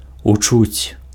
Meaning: to hear
- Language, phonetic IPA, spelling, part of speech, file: Belarusian, [uˈt͡ʂut͡sʲ], учуць, verb, Be-учуць.ogg